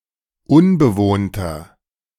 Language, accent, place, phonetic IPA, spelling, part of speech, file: German, Germany, Berlin, [ˈʊnbəˌvoːntɐ], unbewohnter, adjective, De-unbewohnter.ogg
- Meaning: inflection of unbewohnt: 1. strong/mixed nominative masculine singular 2. strong genitive/dative feminine singular 3. strong genitive plural